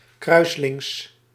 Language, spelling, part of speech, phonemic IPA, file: Dutch, kruislings, adjective, /ˈkrœyslɪŋs/, Nl-kruislings.ogg
- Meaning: crosswise